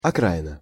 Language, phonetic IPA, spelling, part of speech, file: Russian, [ɐˈkraɪnə], окраина, noun / proper noun, Ru-окраина.ogg
- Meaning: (noun) 1. outskirts (the edges or areas around a city or town) 2. fringe, margin 3. periphery; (proper noun) Ukraine